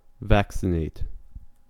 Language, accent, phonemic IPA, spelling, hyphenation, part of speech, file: English, US, /ˈvæksɪneɪt/, vaccinate, vac‧ci‧nate, verb, En-us-vaccinate.ogg
- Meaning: To treat (a person or an animal) with a vaccine to produce immunity against a disease